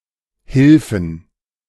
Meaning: plural of Hilfe
- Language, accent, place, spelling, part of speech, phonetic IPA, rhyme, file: German, Germany, Berlin, Hilfen, noun, [ˈhɪlfn̩], -ɪlfn̩, De-Hilfen.ogg